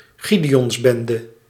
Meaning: small militant band pretending to represent a much larger group
- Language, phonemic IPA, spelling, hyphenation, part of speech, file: Dutch, /ˈɣi.deː.ɔnsˌbɛn.də/, gideonsbende, gi‧de‧ons‧ben‧de, noun, Nl-gideonsbende.ogg